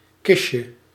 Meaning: diminutive of kist
- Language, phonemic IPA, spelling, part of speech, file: Dutch, /ˈkɪʃə/, kistje, noun, Nl-kistje.ogg